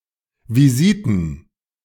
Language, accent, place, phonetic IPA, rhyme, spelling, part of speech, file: German, Germany, Berlin, [viˈziːtn̩], -iːtn̩, Visiten, noun, De-Visiten.ogg
- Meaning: plural of Visite